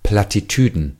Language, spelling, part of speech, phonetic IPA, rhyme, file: German, Plattitüden, noun, [ˌplatiˈtyːdn̩], -yːdn̩, De-Plattitüden.ogg
- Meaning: plural of Plattitüde